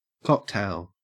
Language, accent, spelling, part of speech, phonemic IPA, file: English, Australia, cocktail, noun / adjective / verb, /ˈkɔk.tæɪl/, En-au-cocktail.ogg
- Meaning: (noun) 1. A mixed alcoholic beverage 2. A mixture of other substances or things 3. A horse, not of pure breed, but having only one eighth or one sixteenth impure blood in its veins